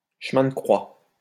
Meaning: 1. Way of the Cross; Via Crucis 2. painful, strenuous experience
- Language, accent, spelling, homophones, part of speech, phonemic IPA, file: French, France, chemin de croix, chemins de croix, noun, /ʃə.mɛ̃ də kʁwa/, LL-Q150 (fra)-chemin de croix.wav